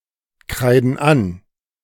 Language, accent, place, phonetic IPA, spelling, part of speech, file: German, Germany, Berlin, [ˌkʁaɪ̯dn̩ ˈan], kreiden an, verb, De-kreiden an.ogg
- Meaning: inflection of ankreiden: 1. first/third-person plural present 2. first/third-person plural subjunctive I